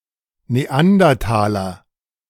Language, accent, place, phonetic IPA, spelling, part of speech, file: German, Germany, Berlin, [neˈandɐtaːlɐ], Neandertaler, noun, De-Neandertaler.ogg
- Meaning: 1. Neanderthal (member of the now extinct species Homo neanderthalensis) 2. Neanderthal (primitive person)